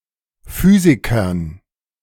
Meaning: dative plural of Physiker
- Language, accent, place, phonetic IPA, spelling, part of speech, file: German, Germany, Berlin, [ˈfyːzɪkɐn], Physikern, noun, De-Physikern.ogg